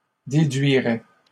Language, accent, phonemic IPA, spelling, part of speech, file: French, Canada, /de.dɥi.ʁɛ/, déduirais, verb, LL-Q150 (fra)-déduirais.wav
- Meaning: first/second-person singular conditional of déduire